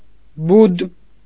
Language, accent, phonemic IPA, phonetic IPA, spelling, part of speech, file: Armenian, Eastern Armenian, /bud/, [bud], բուդ, noun, Hy-բուդ.ogg
- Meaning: 1. thigh, especially of an animal 2. haunch; hindquarter (as a food)